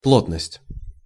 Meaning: density (amount of matter contained by a given volume; the ratio of one quantity to that of another quantity)
- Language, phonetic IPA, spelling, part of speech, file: Russian, [ˈpɫotnəsʲtʲ], плотность, noun, Ru-плотность.ogg